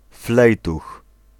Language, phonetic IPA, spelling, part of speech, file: Polish, [ˈflɛjtux], flejtuch, noun, Pl-flejtuch.ogg